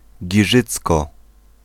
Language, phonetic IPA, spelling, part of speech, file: Polish, [ɟiˈʒɨt͡skɔ], Giżycko, proper noun, Pl-Giżycko.ogg